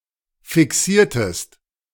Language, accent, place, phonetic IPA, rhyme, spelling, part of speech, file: German, Germany, Berlin, [fɪˈksiːɐ̯təst], -iːɐ̯təst, fixiertest, verb, De-fixiertest.ogg
- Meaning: inflection of fixieren: 1. second-person singular preterite 2. second-person singular subjunctive II